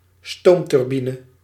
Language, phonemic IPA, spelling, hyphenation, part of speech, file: Dutch, /ˈstoːm.tʏrˌbi.nə/, stoomturbine, stoom‧tur‧bi‧ne, noun, Nl-stoomturbine.ogg
- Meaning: a steam turbine